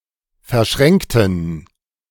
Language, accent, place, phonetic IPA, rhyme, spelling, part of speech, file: German, Germany, Berlin, [fɛɐ̯ˈʃʁɛŋktn̩], -ɛŋktn̩, verschränkten, adjective / verb, De-verschränkten.ogg
- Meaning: inflection of verschränken: 1. first/third-person plural preterite 2. first/third-person plural subjunctive II